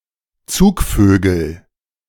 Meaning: nominative/accusative/genitive plural of Zugvogel
- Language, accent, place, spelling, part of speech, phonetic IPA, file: German, Germany, Berlin, Zugvögel, noun, [ˈt͡suːkˌføːɡl̩], De-Zugvögel.ogg